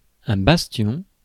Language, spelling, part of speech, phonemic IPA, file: French, bastion, noun, /bas.tjɔ̃/, Fr-bastion.ogg
- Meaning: 1. bastion 2. stronghold